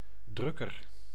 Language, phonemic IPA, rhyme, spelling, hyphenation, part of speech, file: Dutch, /ˈdrʏ.kər/, -ʏkər, drukker, druk‧ker, noun / adjective, Nl-drukker.ogg
- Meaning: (noun) 1. printer (someone who prints) 2. snap (fastening device); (adjective) comparative degree of druk